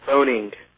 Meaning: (verb) present participle and gerund of phone; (noun) The act of placing a telephone call
- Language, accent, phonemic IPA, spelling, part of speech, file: English, US, /ˈfoʊnɪŋ/, phoning, verb / noun, En-us-phoning.ogg